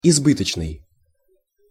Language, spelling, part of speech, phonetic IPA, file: Russian, избыточный, adjective, [ɪzˈbɨtət͡ɕnɨj], Ru-избыточный.ogg
- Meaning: surplus, redundant